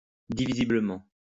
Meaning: divisibly
- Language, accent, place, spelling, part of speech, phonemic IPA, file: French, France, Lyon, divisiblement, adverb, /di.vi.zi.blə.mɑ̃/, LL-Q150 (fra)-divisiblement.wav